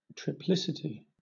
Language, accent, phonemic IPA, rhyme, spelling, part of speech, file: English, Southern England, /tɹɪˈplɪsɪti/, -ɪsɪti, triplicity, noun, LL-Q1860 (eng)-triplicity.wav
- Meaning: 1. The quality or state of being triple or threefold; trebleness 2. The division of the twelve signs according to the four elements